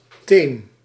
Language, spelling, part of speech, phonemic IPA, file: Dutch, teem, noun / verb, /tem/, Nl-teem.ogg
- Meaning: inflection of temen: 1. first-person singular present indicative 2. second-person singular present indicative 3. imperative